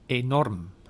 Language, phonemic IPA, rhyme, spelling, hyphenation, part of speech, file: Dutch, /eːˈnɔrm/, -ɔrm, enorm, enorm, adjective / adverb, Nl-enorm.ogg
- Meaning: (adjective) enormous; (adverb) enormously, extremely